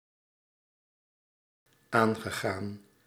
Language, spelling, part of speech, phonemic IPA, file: Dutch, aangegaan, verb / adjective, /ˈaŋɣəˌɣan/, Nl-aangegaan.ogg
- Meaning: past participle of aangaan